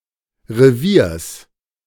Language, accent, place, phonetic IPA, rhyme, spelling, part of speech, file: German, Germany, Berlin, [ʁeˈviːɐ̯s], -iːɐ̯s, Reviers, noun, De-Reviers.ogg
- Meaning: genitive singular of Revier